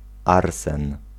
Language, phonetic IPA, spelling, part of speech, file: Polish, [ˈarsɛ̃n], arsen, noun, Pl-arsen.ogg